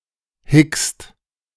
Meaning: inflection of hicksen: 1. second/third-person singular present 2. second-person plural present 3. plural imperative
- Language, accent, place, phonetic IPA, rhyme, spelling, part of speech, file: German, Germany, Berlin, [hɪkst], -ɪkst, hickst, verb, De-hickst.ogg